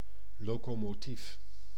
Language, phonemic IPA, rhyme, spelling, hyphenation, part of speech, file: Dutch, /ˌloː.koː.moːˈtif/, -if, locomotief, lo‧co‧mo‧tief, noun, Nl-locomotief.ogg
- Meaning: locomotive, self-propelled vehicle that runs on rails, notably pulling a train